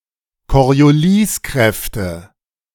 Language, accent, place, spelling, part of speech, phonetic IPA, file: German, Germany, Berlin, Corioliskräfte, noun, [kɔʁjoˈliːsˌkʁɛftə], De-Corioliskräfte.ogg
- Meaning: nominative/accusative/genitive plural of Corioliskraft